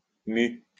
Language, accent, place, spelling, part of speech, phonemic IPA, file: French, France, Lyon, mu, noun / verb, /my/, LL-Q150 (fra)-mu.wav
- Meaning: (noun) mu (Greek letter); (verb) post-1990 spelling of mû